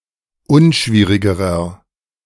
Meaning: inflection of unschwierig: 1. strong/mixed nominative masculine singular comparative degree 2. strong genitive/dative feminine singular comparative degree 3. strong genitive plural comparative degree
- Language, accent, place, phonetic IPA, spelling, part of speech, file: German, Germany, Berlin, [ˈʊnˌʃviːʁɪɡəʁɐ], unschwierigerer, adjective, De-unschwierigerer.ogg